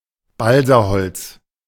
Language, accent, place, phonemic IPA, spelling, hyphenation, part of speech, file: German, Germany, Berlin, /ˈbalzaˌhɔlt͡s/, Balsaholz, Bal‧sa‧holz, noun, De-Balsaholz.ogg
- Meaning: balsa wood